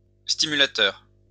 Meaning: stimulator; pacemaker
- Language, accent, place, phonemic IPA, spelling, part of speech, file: French, France, Lyon, /sti.my.la.tœʁ/, stimulateur, noun, LL-Q150 (fra)-stimulateur.wav